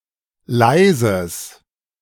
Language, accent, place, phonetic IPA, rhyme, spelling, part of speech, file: German, Germany, Berlin, [ˈlaɪ̯zəs], -aɪ̯zəs, leises, adjective, De-leises.ogg
- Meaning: strong/mixed nominative/accusative neuter singular of leise